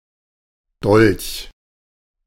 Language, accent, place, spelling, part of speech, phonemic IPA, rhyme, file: German, Germany, Berlin, Dolch, noun, /dɔlç/, -ɔlç, De-Dolch.ogg
- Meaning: dagger